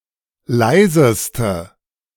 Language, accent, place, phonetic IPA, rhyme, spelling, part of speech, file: German, Germany, Berlin, [ˈlaɪ̯zəstə], -aɪ̯zəstə, leiseste, adjective, De-leiseste.ogg
- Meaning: inflection of leise: 1. strong/mixed nominative/accusative feminine singular superlative degree 2. strong nominative/accusative plural superlative degree